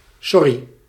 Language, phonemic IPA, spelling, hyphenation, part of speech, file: Dutch, /ˈsɔ.ri/, sorry, sor‧ry, interjection, Nl-sorry.ogg
- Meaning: 1. sorry (expressing regret) 2. sorry, pardon, excuse me